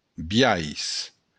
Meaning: way, manner
- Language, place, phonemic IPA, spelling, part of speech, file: Occitan, Béarn, /bjajs/, biais, noun, LL-Q14185 (oci)-biais.wav